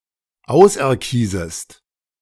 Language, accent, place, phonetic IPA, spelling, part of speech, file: German, Germany, Berlin, [ˈaʊ̯sʔɛɐ̯ˌkiːzəst], auserkiesest, verb, De-auserkiesest.ogg
- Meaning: second-person singular subjunctive I of auserkiesen